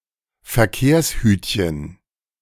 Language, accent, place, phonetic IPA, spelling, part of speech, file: German, Germany, Berlin, [fɛɐ̯ˈkeːɐ̯sˌhyːtçn̩], Verkehrshütchen, noun, De-Verkehrshütchen.ogg
- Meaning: traffic cone